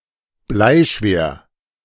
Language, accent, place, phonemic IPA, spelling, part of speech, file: German, Germany, Berlin, /ˈblaɪ̯ˈʃveːr/, bleischwer, adjective, De-bleischwer.ogg
- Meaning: very heavy/dense, leaden